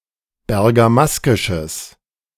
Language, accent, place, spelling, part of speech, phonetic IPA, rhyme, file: German, Germany, Berlin, bergamaskisches, adjective, [bɛʁɡaˈmaskɪʃəs], -askɪʃəs, De-bergamaskisches.ogg
- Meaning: strong/mixed nominative/accusative neuter singular of bergamaskisch